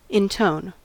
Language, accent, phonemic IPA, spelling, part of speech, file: English, US, /ɪnˈtoʊn/, intone, verb, En-us-intone.ogg
- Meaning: 1. To give tone or variety of tone to; to vocalize 2. To utter with a musical or prolonged note or tone; to speak or recite with singing voice; to chant 3. To utter a tone; utter a protracted sound